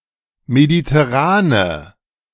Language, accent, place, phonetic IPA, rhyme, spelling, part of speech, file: German, Germany, Berlin, [meditɛˈʁaːnə], -aːnə, mediterrane, adjective, De-mediterrane.ogg
- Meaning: inflection of mediterran: 1. strong/mixed nominative/accusative feminine singular 2. strong nominative/accusative plural 3. weak nominative all-gender singular